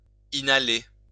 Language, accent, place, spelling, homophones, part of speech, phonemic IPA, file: French, France, Lyon, inhaler, inhalé / inhalée / inhalées / inhalés / inhalez, verb, /i.na.le/, LL-Q150 (fra)-inhaler.wav
- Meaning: to inhale